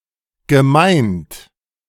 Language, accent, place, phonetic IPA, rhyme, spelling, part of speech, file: German, Germany, Berlin, [ɡəˈmaɪ̯nt], -aɪ̯nt, gemeint, verb, De-gemeint.ogg
- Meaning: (verb) past participle of meinen; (adjective) intended